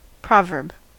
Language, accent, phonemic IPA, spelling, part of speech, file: English, US, /ˈpɹɑˌvɝb/, proverb, noun / verb, En-us-proverb.ogg
- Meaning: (noun) 1. A commonly used sentence expressing popular wisdom 2. Any commonly used turn of phrase expressing a metaphor, simile, or descriptive epithet